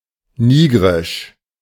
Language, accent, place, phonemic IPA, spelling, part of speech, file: German, Germany, Berlin, /ˈniːɡʁɪʃ/, nigrisch, adjective, De-nigrisch.ogg
- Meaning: of Niger; Nigerien